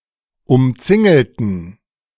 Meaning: inflection of umzingeln: 1. first/third-person plural preterite 2. first/third-person plural subjunctive II
- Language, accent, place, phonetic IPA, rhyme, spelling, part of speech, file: German, Germany, Berlin, [ʊmˈt͡sɪŋl̩tn̩], -ɪŋl̩tn̩, umzingelten, adjective / verb, De-umzingelten.ogg